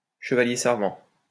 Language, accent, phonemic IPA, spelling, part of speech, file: French, France, /ʃə.va.lje sɛʁ.vɑ̃/, chevalier servant, noun, LL-Q150 (fra)-chevalier servant.wav
- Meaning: cicisbeo, knight in shining armor, escort, devoted admirer